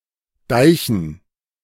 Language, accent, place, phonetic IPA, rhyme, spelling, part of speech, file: German, Germany, Berlin, [ˈdaɪ̯çn̩], -aɪ̯çn̩, Deichen, noun, De-Deichen.ogg
- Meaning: dative plural of Deich